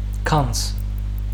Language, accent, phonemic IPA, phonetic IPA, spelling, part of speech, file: Armenian, Western Armenian, /kɑnt͡s/, [kʰɑnt͡sʰ], գանձ, noun, HyW-գանձ.ogg
- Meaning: treasure, riches